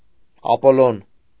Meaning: alternative spelling of Ապոլլոն (Apollon)
- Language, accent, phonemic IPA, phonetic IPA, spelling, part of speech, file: Armenian, Eastern Armenian, /ɑpoˈlon/, [ɑpolón], Ապոլոն, proper noun, Hy-Ապոլոն.ogg